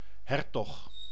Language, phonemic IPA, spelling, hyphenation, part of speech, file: Dutch, /ˈɦɛr.tɔx/, hertog, her‧tog, noun, Nl-hertog.ogg
- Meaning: duke